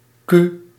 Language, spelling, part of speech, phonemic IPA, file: Dutch, Q, character, /ky/, Nl-Q.ogg
- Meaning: The seventeenth letter of the Dutch alphabet, written in the Latin script; preceded by P and followed by R